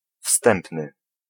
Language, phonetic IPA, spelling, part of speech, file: Polish, [ˈfstɛ̃mpnɨ], wstępny, adjective / noun, Pl-wstępny.ogg